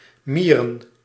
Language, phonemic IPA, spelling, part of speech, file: Dutch, /ˈmirə(n)/, mieren, verb / noun, Nl-mieren.ogg
- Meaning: plural of mier